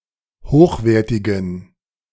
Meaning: inflection of hochwertig: 1. strong genitive masculine/neuter singular 2. weak/mixed genitive/dative all-gender singular 3. strong/weak/mixed accusative masculine singular 4. strong dative plural
- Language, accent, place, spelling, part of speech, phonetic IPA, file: German, Germany, Berlin, hochwertigen, adjective, [ˈhoːxˌveːɐ̯tɪɡn̩], De-hochwertigen.ogg